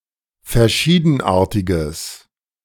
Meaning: strong/mixed nominative/accusative neuter singular of verschiedenartig
- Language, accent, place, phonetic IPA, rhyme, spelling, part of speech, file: German, Germany, Berlin, [fɛɐ̯ˈʃiːdn̩ˌʔaːɐ̯tɪɡəs], -iːdn̩ʔaːɐ̯tɪɡəs, verschiedenartiges, adjective, De-verschiedenartiges.ogg